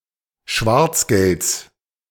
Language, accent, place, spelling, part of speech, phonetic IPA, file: German, Germany, Berlin, Schwarzgelds, noun, [ˈʃvaʁt͡sˌɡɛlt͡s], De-Schwarzgelds.ogg
- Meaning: genitive singular of Schwarzgeld